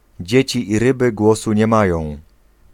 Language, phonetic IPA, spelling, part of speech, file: Polish, [ˈd͡ʑɛ̇t͡ɕi ː‿ˈrɨbɨ ˈɡwɔsu ɲɛ‿ˈmajɔ̃w̃], dzieci i ryby głosu nie mają, proverb, Pl-dzieci i ryby głosu nie mają.ogg